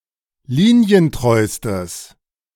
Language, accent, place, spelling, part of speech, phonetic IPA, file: German, Germany, Berlin, linientreustes, adjective, [ˈliːni̯ənˌtʁɔɪ̯stəs], De-linientreustes.ogg
- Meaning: strong/mixed nominative/accusative neuter singular superlative degree of linientreu